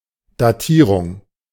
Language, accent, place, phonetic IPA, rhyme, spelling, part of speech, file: German, Germany, Berlin, [daˈtiːʁʊŋ], -iːʁʊŋ, Datierung, noun, De-Datierung.ogg
- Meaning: dating (age determination), (date stamping)